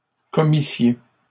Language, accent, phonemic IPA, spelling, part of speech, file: French, Canada, /kɔ.mi.sje/, commissiez, verb, LL-Q150 (fra)-commissiez.wav
- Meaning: second-person plural imperfect subjunctive of commettre